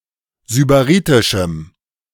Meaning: strong dative masculine/neuter singular of sybaritisch
- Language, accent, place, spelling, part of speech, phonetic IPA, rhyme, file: German, Germany, Berlin, sybaritischem, adjective, [zybaˈʁiːtɪʃm̩], -iːtɪʃm̩, De-sybaritischem.ogg